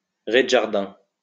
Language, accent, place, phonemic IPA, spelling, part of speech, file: French, France, Lyon, /ʁe.d(ə).ʒaʁ.dɛ̃/, rez-de-jardin, noun, LL-Q150 (fra)-rez-de-jardin.wav
- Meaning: garden level (storey of a building that opens onto a garden on the ground floor)